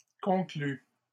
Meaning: inflection of conclure: 1. first/second-person singular present indicative 2. first/second-person singular past historic 3. second-person singular imperative
- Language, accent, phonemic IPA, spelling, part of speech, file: French, Canada, /kɔ̃.kly/, conclus, verb, LL-Q150 (fra)-conclus.wav